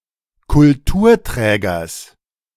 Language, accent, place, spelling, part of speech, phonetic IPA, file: German, Germany, Berlin, Kulturträgers, noun, [kʊlˈtuːɐ̯ˌtʁɛːɡɐs], De-Kulturträgers.ogg
- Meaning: genitive singular of Kulturträger